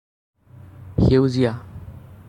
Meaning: 1. green 2. greenish
- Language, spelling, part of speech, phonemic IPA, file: Assamese, সেউজীয়া, adjective, /xɛu.ziɑ/, As-সেউজীয়া.ogg